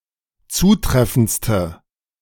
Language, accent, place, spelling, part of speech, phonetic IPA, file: German, Germany, Berlin, zutreffendste, adjective, [ˈt͡suːˌtʁɛfn̩t͡stə], De-zutreffendste.ogg
- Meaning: inflection of zutreffend: 1. strong/mixed nominative/accusative feminine singular superlative degree 2. strong nominative/accusative plural superlative degree